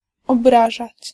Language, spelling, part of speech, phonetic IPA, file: Polish, obrażać, verb, [ɔbˈraʒat͡ɕ], Pl-obrażać.ogg